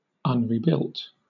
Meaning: Not rebuilt.: 1. Of something damaged or destroyed: not built again, not reconstructed 2. Of something existing: not modified or renovated; still in its original form
- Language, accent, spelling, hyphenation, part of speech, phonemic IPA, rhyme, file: English, Southern England, unrebuilt, un‧re‧built, adjective, /ʌnɹiːˈbɪlt/, -ɪlt, LL-Q1860 (eng)-unrebuilt.wav